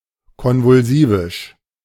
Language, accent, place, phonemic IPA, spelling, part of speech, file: German, Germany, Berlin, /ˌkɔnvʊlˈziːvɪʃ/, konvulsivisch, adjective, De-konvulsivisch.ogg
- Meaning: alternative form of konvulsiv